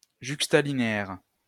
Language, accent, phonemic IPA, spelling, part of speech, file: French, France, /ʒyk.sta.li.ne.ɛʁ/, juxtalinéaire, adjective, LL-Q150 (fra)-juxtalinéaire.wav
- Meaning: juxtalinear